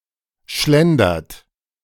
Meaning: inflection of schlendern: 1. third-person singular present 2. second-person plural present 3. plural imperative
- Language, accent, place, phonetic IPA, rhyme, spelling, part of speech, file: German, Germany, Berlin, [ˈʃlɛndɐt], -ɛndɐt, schlendert, verb, De-schlendert.ogg